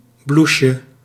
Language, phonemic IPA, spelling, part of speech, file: Dutch, /ˈbluʃə/, bloesje, noun, Nl-bloesje.ogg
- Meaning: diminutive of bloes